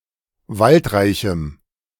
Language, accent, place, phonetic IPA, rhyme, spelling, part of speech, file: German, Germany, Berlin, [ˈvaltˌʁaɪ̯çm̩], -altʁaɪ̯çm̩, waldreichem, adjective, De-waldreichem.ogg
- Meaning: strong dative masculine/neuter singular of waldreich